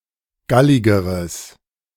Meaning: strong/mixed nominative/accusative neuter singular comparative degree of gallig
- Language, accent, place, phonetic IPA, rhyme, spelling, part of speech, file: German, Germany, Berlin, [ˈɡalɪɡəʁəs], -alɪɡəʁəs, galligeres, adjective, De-galligeres.ogg